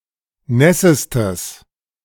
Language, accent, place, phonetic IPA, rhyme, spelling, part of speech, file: German, Germany, Berlin, [ˈnɛsəstəs], -ɛsəstəs, nässestes, adjective, De-nässestes.ogg
- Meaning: strong/mixed nominative/accusative neuter singular superlative degree of nass